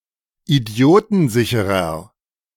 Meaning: 1. comparative degree of idiotensicher 2. inflection of idiotensicher: strong/mixed nominative masculine singular 3. inflection of idiotensicher: strong genitive/dative feminine singular
- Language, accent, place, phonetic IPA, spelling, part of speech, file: German, Germany, Berlin, [iˈdi̯oːtn̩ˌzɪçəʁɐ], idiotensicherer, adjective, De-idiotensicherer.ogg